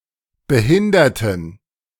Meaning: inflection of behindern: 1. first/third-person plural preterite 2. first/third-person plural subjunctive II
- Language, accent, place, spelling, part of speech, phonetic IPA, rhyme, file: German, Germany, Berlin, behinderten, adjective / verb, [bəˈhɪndɐtn̩], -ɪndɐtn̩, De-behinderten.ogg